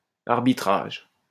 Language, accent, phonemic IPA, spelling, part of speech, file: French, France, /aʁ.bi.tʁaʒ/, arbitrage, noun, LL-Q150 (fra)-arbitrage.wav
- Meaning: 1. arbitration (the act or process of arbitrating) 2. arbitrage 3. trade-off 4. refereeing